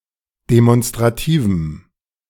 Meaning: strong dative masculine/neuter singular of demonstrativ
- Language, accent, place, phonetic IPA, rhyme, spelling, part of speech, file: German, Germany, Berlin, [demɔnstʁaˈtiːvm̩], -iːvm̩, demonstrativem, adjective, De-demonstrativem.ogg